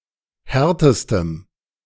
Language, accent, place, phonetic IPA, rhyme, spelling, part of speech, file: German, Germany, Berlin, [ˈhɛʁtəstəm], -ɛʁtəstəm, härtestem, adjective, De-härtestem.ogg
- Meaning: strong dative masculine/neuter singular superlative degree of hart